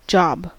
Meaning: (noun) 1. A task 2. An economic role for which a person is paid 3. Plastic surgery 4. A sex act 5. A task, or series of tasks, carried out in batch mode (especially on a mainframe computer)
- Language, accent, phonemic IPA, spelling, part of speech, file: English, US, /dʒɑb/, job, noun / verb, En-us-job.ogg